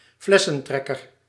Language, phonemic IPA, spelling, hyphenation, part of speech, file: Dutch, /ˈflɛsə(n)ˌtrɛkər/, flessentrekker, fles‧sen‧trek‧ker, noun, Nl-flessentrekker.ogg
- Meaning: swindler, fraudster